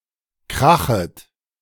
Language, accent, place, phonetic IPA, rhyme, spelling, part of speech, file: German, Germany, Berlin, [ˈkʁaxət], -axət, krachet, verb, De-krachet.ogg
- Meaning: second-person plural subjunctive I of krachen